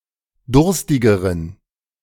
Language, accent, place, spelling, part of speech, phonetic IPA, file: German, Germany, Berlin, durstigeren, adjective, [ˈdʊʁstɪɡəʁən], De-durstigeren.ogg
- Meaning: inflection of durstig: 1. strong genitive masculine/neuter singular comparative degree 2. weak/mixed genitive/dative all-gender singular comparative degree